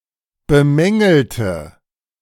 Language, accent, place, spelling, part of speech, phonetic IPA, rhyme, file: German, Germany, Berlin, bemängelte, adjective / verb, [bəˈmɛŋl̩tə], -ɛŋl̩tə, De-bemängelte.ogg
- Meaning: inflection of bemängeln: 1. first/third-person singular preterite 2. first/third-person singular subjunctive II